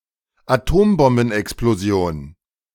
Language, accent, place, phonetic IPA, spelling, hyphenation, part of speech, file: German, Germany, Berlin, [aˈtoːmbɔmbn̩ʔɛksploˌzi̯oːn], Atombombenexplosion, Atom‧bom‧ben‧ex‧plo‧si‧on, noun, De-Atombombenexplosion.ogg
- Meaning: atomic bomb explosion